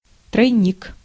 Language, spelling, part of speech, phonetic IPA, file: Russian, тройник, noun, [trɐjˈnʲik], Ru-тройник.ogg
- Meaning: 1. tee, T-joint, T-bend 2. junction box 3. three-way power strip 4. three-barreled hunting rifle 5. fishhook with three points 6. Troynoy cologne (a Soviet brand of cologne often drunk illegally)